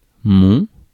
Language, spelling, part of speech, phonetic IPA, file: French, mon, determiner, [mɒ̃ʊ̯̃], Fr-mon.ogg
- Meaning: my (used to qualify masculine nouns and vowel-initial words regardless of gender)